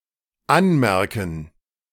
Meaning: 1. to mark; to note; to make a note of (something) 2. to observe (something) in (someone); to notice (something) about (someone)
- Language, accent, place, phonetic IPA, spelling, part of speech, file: German, Germany, Berlin, [ˈanˌmɛʁkn̩], anmerken, verb, De-anmerken.ogg